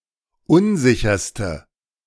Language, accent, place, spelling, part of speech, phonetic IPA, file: German, Germany, Berlin, unsicherste, adjective, [ˈʊnˌzɪçɐstə], De-unsicherste.ogg
- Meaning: inflection of unsicher: 1. strong/mixed nominative/accusative feminine singular superlative degree 2. strong nominative/accusative plural superlative degree